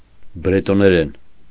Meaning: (noun) Breton (language); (adverb) in Breton; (adjective) Breton (of or pertaining to the language)
- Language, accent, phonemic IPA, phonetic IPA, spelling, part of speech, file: Armenian, Eastern Armenian, /bɾetoneˈɾen/, [bɾetoneɾén], բրետոներեն, noun / adverb / adjective, Hy-բրետոներեն.ogg